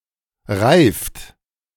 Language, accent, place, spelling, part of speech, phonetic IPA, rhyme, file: German, Germany, Berlin, reift, verb, [ʁaɪ̯ft], -aɪ̯ft, De-reift.ogg
- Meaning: inflection of reifen: 1. third-person singular present 2. second-person plural present 3. plural imperative